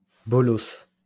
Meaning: 1. archaic spelling of belosse 2. alternative spelling of bolos
- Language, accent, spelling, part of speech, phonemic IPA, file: French, France, bolosse, noun, /bɔ.lɔs/, LL-Q150 (fra)-bolosse.wav